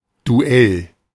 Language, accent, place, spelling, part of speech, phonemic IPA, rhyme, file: German, Germany, Berlin, Duell, noun, /duˈ(ʔ)ɛl/, -ɛl, De-Duell.ogg
- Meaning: 1. duel (combat between two persons) 2. contention, dispute, debate (a verbal combat between two persons)